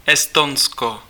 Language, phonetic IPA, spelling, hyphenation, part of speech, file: Czech, [ˈɛstonsko], Estonsko, Es‧ton‧sko, proper noun, Cs-Estonsko.ogg
- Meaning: Estonia (a country in northeastern Europe, on the southeastern coast of the Baltic Sea)